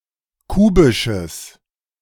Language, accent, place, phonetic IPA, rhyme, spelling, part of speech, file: German, Germany, Berlin, [ˈkuːbɪʃəs], -uːbɪʃəs, kubisches, adjective, De-kubisches.ogg
- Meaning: strong/mixed nominative/accusative neuter singular of kubisch